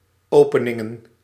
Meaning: plural of opening
- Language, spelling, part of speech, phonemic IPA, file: Dutch, openingen, noun, /ˈoːpənɪŋə(n)/, Nl-openingen.ogg